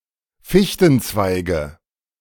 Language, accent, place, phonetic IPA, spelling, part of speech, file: German, Germany, Berlin, [ˈfɪçtn̩ˌt͡svaɪ̯ɡə], Fichtenzweige, noun, De-Fichtenzweige.ogg
- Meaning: nominative/accusative/genitive plural of Fichtenzweig